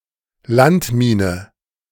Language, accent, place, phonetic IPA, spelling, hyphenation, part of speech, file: German, Germany, Berlin, [ˈlantˌmiːnə], Landmine, Land‧mi‧ne, noun, De-Landmine.ogg
- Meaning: land mine